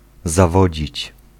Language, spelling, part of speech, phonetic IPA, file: Polish, zawodzić, verb, [zaˈvɔd͡ʑit͡ɕ], Pl-zawodzić.ogg